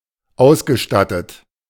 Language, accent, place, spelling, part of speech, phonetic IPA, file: German, Germany, Berlin, ausgestattet, adjective / verb, [ˈaʊ̯sɡəˌʃtatət], De-ausgestattet.ogg
- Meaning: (verb) past participle of ausstatten; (adjective) equipped, endowed, provided, furnished